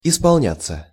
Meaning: 1. to come true, to be fulfilled 2. to turn (of age) 3. passive of исполня́ть (ispolnjátʹ)
- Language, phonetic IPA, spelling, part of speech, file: Russian, [ɪspɐɫˈnʲat͡sːə], исполняться, verb, Ru-исполняться.ogg